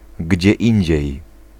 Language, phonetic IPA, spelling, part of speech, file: Polish, [ˈɟd͡ʑɛ ˈĩɲd͡ʑɛ̇j], gdzie indziej, adverbial phrase, Pl-gdzie indziej.ogg